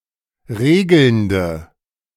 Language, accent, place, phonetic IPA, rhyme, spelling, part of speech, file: German, Germany, Berlin, [ˈʁeːɡl̩ndə], -eːɡl̩ndə, regelnde, adjective, De-regelnde.ogg
- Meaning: inflection of regelnd: 1. strong/mixed nominative/accusative feminine singular 2. strong nominative/accusative plural 3. weak nominative all-gender singular 4. weak accusative feminine/neuter singular